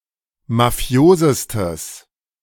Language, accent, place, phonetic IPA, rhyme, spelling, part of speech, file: German, Germany, Berlin, [maˈfi̯oːzəstəs], -oːzəstəs, mafiosestes, adjective, De-mafiosestes.ogg
- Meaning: strong/mixed nominative/accusative neuter singular superlative degree of mafios